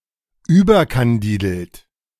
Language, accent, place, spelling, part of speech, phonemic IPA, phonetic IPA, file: German, Germany, Berlin, überkandidelt, adjective, /ˈyːbərkanˌdiːdəlt/, [ˈʔyː.bɐ.kanˌdiː.dl̩t], De-überkandidelt.ogg
- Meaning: flamboyant, eccentric; excessively outgoing, bubbly, cheerful, possibly to the point of being shrill, silly, over the top